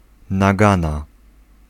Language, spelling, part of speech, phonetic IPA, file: Polish, nagana, noun, [naˈɡãna], Pl-nagana.ogg